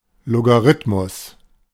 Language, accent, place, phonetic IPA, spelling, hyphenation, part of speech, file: German, Germany, Berlin, [ˌloɡaˈʁɪtmʊs], Logarithmus, Lo‧g‧a‧rith‧mus, noun, De-Logarithmus.ogg
- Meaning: logarithm (for a number x, the power to which a given base number must be raised in order to obtain x)